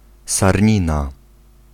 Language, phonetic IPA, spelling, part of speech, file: Polish, [sarʲˈɲĩna], sarnina, noun, Pl-sarnina.ogg